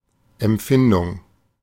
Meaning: 1. sensation 2. feeling, emotion
- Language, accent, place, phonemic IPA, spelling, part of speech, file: German, Germany, Berlin, /ɛmˈp͡fɪndʊŋ/, Empfindung, noun, De-Empfindung.ogg